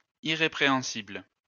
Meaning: irreprehensible
- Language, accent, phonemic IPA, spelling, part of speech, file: French, France, /i.ʁe.pʁe.ɑ̃.sibl/, irrépréhensible, adjective, LL-Q150 (fra)-irrépréhensible.wav